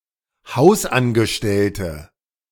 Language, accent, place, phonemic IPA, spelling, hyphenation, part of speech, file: German, Germany, Berlin, /ˈhaʊ̯sʔanɡəˌʃtɛltə/, Hausangestellte, Haus‧an‧ge‧stell‧te, noun, De-Hausangestellte.ogg
- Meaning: 1. female equivalent of Hausangestellter: female domestic worker 2. inflection of Hausangestellter: strong nominative/accusative plural 3. inflection of Hausangestellter: weak nominative singular